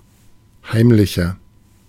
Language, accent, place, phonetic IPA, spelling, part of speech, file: German, Germany, Berlin, [ˈhaɪ̯mlɪçɐ], heimlicher, adjective, De-heimlicher.ogg
- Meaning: 1. comparative degree of heimlich 2. inflection of heimlich: strong/mixed nominative masculine singular 3. inflection of heimlich: strong genitive/dative feminine singular